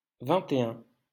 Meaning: post-1990 spelling of vingt et un
- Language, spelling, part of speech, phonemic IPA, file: French, vingt-et-un, numeral, /vɛ̃.te.œ̃/, LL-Q150 (fra)-vingt-et-un.wav